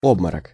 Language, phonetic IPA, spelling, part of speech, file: Russian, [ˈobmərək], обморок, noun, Ru-обморок.ogg
- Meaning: faint, swoon, syncope (the act of fainting)